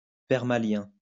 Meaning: permalink
- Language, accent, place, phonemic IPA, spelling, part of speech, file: French, France, Lyon, /pɛʁ.ma.ljɛ̃/, permalien, noun, LL-Q150 (fra)-permalien.wav